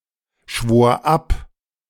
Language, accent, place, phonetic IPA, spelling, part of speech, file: German, Germany, Berlin, [ˌʃvoːɐ̯ ˈap], schwor ab, verb, De-schwor ab.ogg
- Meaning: first/third-person singular preterite of abschwören